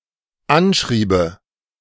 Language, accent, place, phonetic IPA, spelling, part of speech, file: German, Germany, Berlin, [ˈanˌʃʁiːbə], anschriebe, verb, De-anschriebe.ogg
- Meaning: first/third-person singular dependent subjunctive II of anschreiben